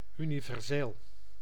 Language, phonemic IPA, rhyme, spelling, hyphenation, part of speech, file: Dutch, /ˌy.ni.vɛrˈzeːl/, -eːl, universeel, uni‧ver‧seel, adjective, Nl-universeel.ogg
- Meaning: universal